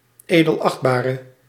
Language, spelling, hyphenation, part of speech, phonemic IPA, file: Dutch, edelachtbare, edel‧acht‧ba‧re, noun / adjective, /ˌeː.dəlˈɑxt.baː.rə/, Nl-edelachtbare.ogg
- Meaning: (noun) honourable one, Your Honour; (adjective) inflection of edelachtbaar: 1. masculine/feminine singular attributive 2. definite neuter singular attributive 3. plural attributive